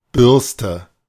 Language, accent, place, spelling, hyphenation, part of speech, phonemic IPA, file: German, Germany, Berlin, Bürste, Bürs‧te, noun, /ˈbʏʁstə/, De-Bürste.ogg
- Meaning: brush